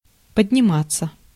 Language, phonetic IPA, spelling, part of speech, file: Russian, [pədʲnʲɪˈmat͡sːə], подниматься, verb, Ru-подниматься.ogg
- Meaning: 1. to rise, to go up, to get up 2. to ascend, to climb 3. to arise, to break out, to develop, to set out, to get agitated 4. to improve, to recover 5. passive of поднима́ть (podnimátʹ)